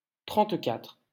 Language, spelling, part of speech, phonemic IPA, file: French, trente-quatre, numeral, /tʁɑ̃t.katʁ/, LL-Q150 (fra)-trente-quatre.wav
- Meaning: thirty-four